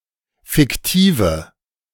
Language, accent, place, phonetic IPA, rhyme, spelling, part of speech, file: German, Germany, Berlin, [fɪkˈtiːvə], -iːvə, fiktive, adjective, De-fiktive.ogg
- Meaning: inflection of fiktiv: 1. strong/mixed nominative/accusative feminine singular 2. strong nominative/accusative plural 3. weak nominative all-gender singular 4. weak accusative feminine/neuter singular